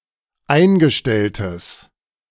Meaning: strong/mixed nominative/accusative neuter singular of eingestellt
- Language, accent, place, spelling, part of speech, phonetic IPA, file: German, Germany, Berlin, eingestelltes, adjective, [ˈaɪ̯nɡəˌʃtɛltəs], De-eingestelltes.ogg